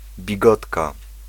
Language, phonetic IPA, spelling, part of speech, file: Polish, [bʲiˈɡɔtka], bigotka, noun, Pl-bigotka.ogg